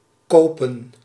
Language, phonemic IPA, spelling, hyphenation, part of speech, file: Dutch, /ˈkoːpə(n)/, kopen, ko‧pen, verb / noun, Nl-kopen.ogg
- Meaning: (verb) to buy, purchase; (noun) plural of koop